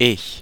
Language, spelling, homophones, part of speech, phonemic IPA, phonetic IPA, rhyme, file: German, ich, Ich, pronoun, /ɪç/, [ʔɪç], -ɪç, De-ich.ogg
- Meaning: I (first person singular nominative (subject) pronoun)